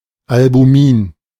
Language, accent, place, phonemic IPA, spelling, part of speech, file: German, Germany, Berlin, /albuˈmiːn/, Albumin, noun, De-Albumin.ogg
- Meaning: albumin (protein)